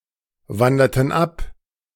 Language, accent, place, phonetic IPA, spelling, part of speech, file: German, Germany, Berlin, [ˌvandɐtn̩ ˈap], wanderten ab, verb, De-wanderten ab.ogg
- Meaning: inflection of abwandern: 1. first/third-person plural preterite 2. first/third-person plural subjunctive II